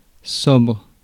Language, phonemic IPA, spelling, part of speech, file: French, /sɔbʁ/, sobre, adjective, Fr-sobre.ogg
- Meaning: 1. sober (teetotal) 2. sober (dull, unexciting) 3. modest